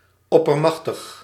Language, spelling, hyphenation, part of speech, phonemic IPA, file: Dutch, oppermachtig, op‧per‧mach‧tig, adjective, /ˌɔ.pərˈmɑx.təx/, Nl-oppermachtig.ogg
- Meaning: sovereign, supreme